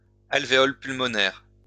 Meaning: pulmonary alveolus
- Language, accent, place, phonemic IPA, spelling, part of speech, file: French, France, Lyon, /al.ve.ɔl pyl.mɔ.nɛʁ/, alvéole pulmonaire, noun, LL-Q150 (fra)-alvéole pulmonaire.wav